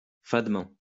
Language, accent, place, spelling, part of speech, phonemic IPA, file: French, France, Lyon, fadement, adverb, /fad.mɑ̃/, LL-Q150 (fra)-fadement.wav
- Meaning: insipidly, blandly